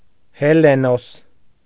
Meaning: Helenus
- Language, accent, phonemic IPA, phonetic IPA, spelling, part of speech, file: Armenian, Eastern Armenian, /heleˈnos/, [helenós], Հելենոս, proper noun, Hy-Հելենոս.ogg